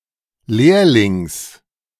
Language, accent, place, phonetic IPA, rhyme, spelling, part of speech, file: German, Germany, Berlin, [ˈleːɐ̯lɪŋs], -eːɐ̯lɪŋs, Lehrlings, noun, De-Lehrlings.ogg
- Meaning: genitive singular of Lehrling